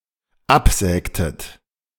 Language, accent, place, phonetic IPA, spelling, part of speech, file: German, Germany, Berlin, [ˈapˌzɛːktət], absägtet, verb, De-absägtet.ogg
- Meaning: inflection of absägen: 1. second-person plural dependent preterite 2. second-person plural dependent subjunctive II